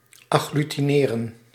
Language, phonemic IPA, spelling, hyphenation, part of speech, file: Dutch, /ɑ.ɣly.tiˈneː.rə(n)/, agglutineren, ag‧glu‧ti‧ne‧ren, verb, Nl-agglutineren.ogg
- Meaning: to agglutinate, to accrete